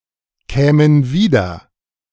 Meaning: first/third-person plural subjunctive II of wiederkommen
- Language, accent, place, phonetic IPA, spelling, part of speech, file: German, Germany, Berlin, [ˌkɛːmən ˈviːdɐ], kämen wieder, verb, De-kämen wieder.ogg